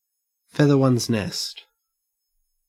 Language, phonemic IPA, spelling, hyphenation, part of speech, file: English, /ˈfeð.ə wɐnz ˌnɛst/, feather one's nest, feath‧er one's nest, verb, En-au-feather one's nest.ogg